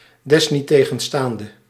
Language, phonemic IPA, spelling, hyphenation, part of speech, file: Dutch, /dɛs.ni.teː.ɣə(n)ˈstaːn.də/, desniettegenstaande, des‧niet‧te‧gen‧staan‧de, adverb, Nl-desniettegenstaande.ogg
- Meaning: nevertheless, nonetheless